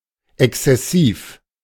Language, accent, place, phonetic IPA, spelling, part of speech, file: German, Germany, Berlin, [ˌɛkst͡sɛˈsiːf], exzessiv, adjective, De-exzessiv.ogg
- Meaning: excessive